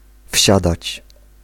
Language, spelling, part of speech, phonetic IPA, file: Polish, wsiadać, verb, [ˈfʲɕadat͡ɕ], Pl-wsiadać.ogg